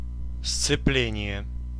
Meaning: 1. verbal noun of сцепи́ть (scepítʹ) (nomen actionis, nomen resultatis) 2. clutch (a device to interrupt power transmission) 3. adherence (union of two objects)
- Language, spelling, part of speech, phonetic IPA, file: Russian, сцепление, noun, [st͡sɨˈplʲenʲɪje], Ru-сцепление.ogg